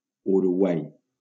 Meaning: Uruguay (a country in South America)
- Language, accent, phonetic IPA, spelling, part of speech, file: Catalan, Valencia, [u.ɾuˈɣwaj], Uruguai, proper noun, LL-Q7026 (cat)-Uruguai.wav